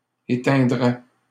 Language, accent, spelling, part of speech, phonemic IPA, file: French, Canada, éteindraient, verb, /e.tɛ̃.dʁɛ/, LL-Q150 (fra)-éteindraient.wav
- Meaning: third-person plural conditional of éteindre